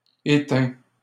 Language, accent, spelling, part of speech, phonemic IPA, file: French, Canada, éteins, verb, /e.tɛ̃/, LL-Q150 (fra)-éteins.wav
- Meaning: inflection of éteindre: 1. first/second-person singular present indicative 2. second-person singular imperative